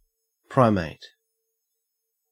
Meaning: 1. A mammal of the order Primates, comprising of apes (including humans), monkeys, lemurs, tarsiers, lorisids, and galagos 2. An anthropoid; ape including human
- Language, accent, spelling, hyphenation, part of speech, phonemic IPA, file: English, Australia, primate, pri‧mate, noun, /ˈpɹaɪmeɪt/, En-au-primate.ogg